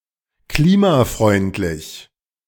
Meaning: climate friendly
- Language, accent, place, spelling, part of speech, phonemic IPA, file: German, Germany, Berlin, klimafreundlich, adjective, /ˈkliːmaˌfʁɔɪ̯ntlɪç/, De-klimafreundlich.ogg